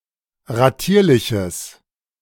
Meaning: strong/mixed nominative/accusative neuter singular of ratierlich
- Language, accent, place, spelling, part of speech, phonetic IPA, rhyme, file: German, Germany, Berlin, ratierliches, adjective, [ʁaˈtiːɐ̯lɪçəs], -iːɐ̯lɪçəs, De-ratierliches.ogg